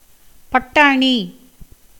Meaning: pea
- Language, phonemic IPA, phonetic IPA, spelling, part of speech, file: Tamil, /pɐʈːɑːɳiː/, [pɐʈːäːɳiː], பட்டாணி, noun, Ta-பட்டாணி.ogg